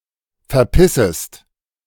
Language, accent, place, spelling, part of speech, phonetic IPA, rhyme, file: German, Germany, Berlin, verpissest, verb, [fɛɐ̯ˈpɪsəst], -ɪsəst, De-verpissest.ogg
- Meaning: second-person singular subjunctive I of verpissen